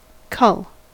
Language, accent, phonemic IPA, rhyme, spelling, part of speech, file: English, US, /kʌl/, -ʌl, cull, verb / noun, En-us-cull.ogg
- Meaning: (verb) 1. To pick or take someone or something (from a larger group) 2. To gather, collect